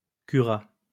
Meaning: third-person singular past historic of curer
- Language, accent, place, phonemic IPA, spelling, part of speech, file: French, France, Lyon, /ky.ʁa/, cura, verb, LL-Q150 (fra)-cura.wav